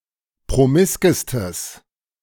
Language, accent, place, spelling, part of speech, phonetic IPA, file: German, Germany, Berlin, promiskestes, adjective, [pʁoˈmɪskəstəs], De-promiskestes.ogg
- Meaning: strong/mixed nominative/accusative neuter singular superlative degree of promisk